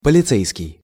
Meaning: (adjective) police; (noun) policeman
- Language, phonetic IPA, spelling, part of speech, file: Russian, [pəlʲɪˈt͡sɛjskʲɪj], полицейский, adjective / noun, Ru-полицейский.ogg